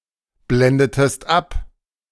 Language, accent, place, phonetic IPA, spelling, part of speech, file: German, Germany, Berlin, [ˌblɛndətəst ˈap], blendetest ab, verb, De-blendetest ab.ogg
- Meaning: inflection of abblenden: 1. second-person singular preterite 2. second-person singular subjunctive II